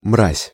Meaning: scum, dregs, despicable person, despicable people
- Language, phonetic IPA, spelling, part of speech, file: Russian, [mrasʲ], мразь, noun, Ru-мразь.ogg